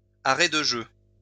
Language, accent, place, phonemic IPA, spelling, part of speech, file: French, France, Lyon, /a.ʁɛ d(ə) ʒø/, arrêt de jeu, noun, LL-Q150 (fra)-arrêt de jeu.wav
- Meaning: time-out